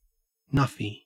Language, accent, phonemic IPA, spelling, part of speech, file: English, Australia, /ˈnɐfi/, nuffy, noun, En-au-nuffy.ogg
- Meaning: 1. A person with a disability, particularly intellectual 2. A person who is stupid 3. Someone who is an obsessive fan of a sport, particularly of cricket